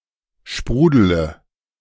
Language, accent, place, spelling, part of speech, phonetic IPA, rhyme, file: German, Germany, Berlin, sprudele, verb, [ˈʃpʁuːdələ], -uːdələ, De-sprudele.ogg
- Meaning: inflection of sprudeln: 1. first-person singular present 2. first-person plural subjunctive I 3. third-person singular subjunctive I 4. singular imperative